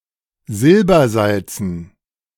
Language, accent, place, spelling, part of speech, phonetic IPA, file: German, Germany, Berlin, Silbersalzen, noun, [ˈzɪlbɐˌzalt͡sn̩], De-Silbersalzen.ogg
- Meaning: dative plural of Silbersalz